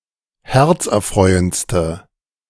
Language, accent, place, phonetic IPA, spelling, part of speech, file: German, Germany, Berlin, [ˈhɛʁt͡sʔɛɐ̯ˌfʁɔɪ̯ənt͡stə], herzerfreuendste, adjective, De-herzerfreuendste.ogg
- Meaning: inflection of herzerfreuend: 1. strong/mixed nominative/accusative feminine singular superlative degree 2. strong nominative/accusative plural superlative degree